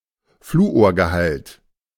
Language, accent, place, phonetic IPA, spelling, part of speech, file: German, Germany, Berlin, [ˈfluːoːɐ̯ɡəˌhalt], Fluorgehalt, noun, De-Fluorgehalt.ogg
- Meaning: fluorine content